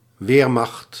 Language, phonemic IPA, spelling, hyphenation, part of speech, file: Dutch, /ˈʋeːr.mɑxt/, weermacht, weer‧macht, noun, Nl-weermacht.ogg
- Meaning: armed forces